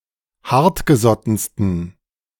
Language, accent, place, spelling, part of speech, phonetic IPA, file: German, Germany, Berlin, hartgesottensten, adjective, [ˈhaʁtɡəˌzɔtn̩stən], De-hartgesottensten.ogg
- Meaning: 1. superlative degree of hartgesotten 2. inflection of hartgesotten: strong genitive masculine/neuter singular superlative degree